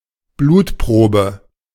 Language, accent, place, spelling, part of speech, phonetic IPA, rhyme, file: German, Germany, Berlin, Blutprobe, noun, [ˈbluːtˌpʁoːbə], -uːtpʁoːbə, De-Blutprobe.ogg
- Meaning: 1. blood sample (an amount of blood taken for blood tests) 2. blood test (a serologic analysis of a sample of blood)